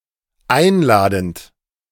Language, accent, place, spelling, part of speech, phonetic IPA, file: German, Germany, Berlin, einladend, verb, [ˈaɪ̯nˌlaːdn̩t], De-einladend.ogg
- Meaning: present participle of einladen